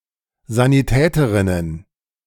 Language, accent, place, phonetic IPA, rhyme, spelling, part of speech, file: German, Germany, Berlin, [zaniˈtɛːtəʁɪnən], -ɛːtəʁɪnən, Sanitäterinnen, noun, De-Sanitäterinnen.ogg
- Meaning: plural of Sanitäterin